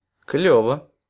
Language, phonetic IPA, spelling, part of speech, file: Russian, [ˈklʲɵvə], клёво, adverb / interjection / adjective, Ru-клёво.ogg
- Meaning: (adverb) cool, neat, well; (interjection) cool!, fantastic!; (adjective) short neuter singular of клёвый (kljóvyj)